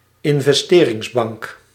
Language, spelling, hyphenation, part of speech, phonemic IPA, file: Dutch, investeringsbank, in‧ves‧te‧rings‧bank, noun, /ɪn.vɛsˈteː.rɪŋsˌbɑŋk/, Nl-investeringsbank.ogg
- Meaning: investment bank